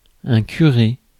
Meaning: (noun) 1. priest bearing the responsibility of a parish 2. a vicar (Church of England); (verb) past participle of curer
- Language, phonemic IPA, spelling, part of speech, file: French, /ky.ʁe/, curé, noun / verb, Fr-curé.ogg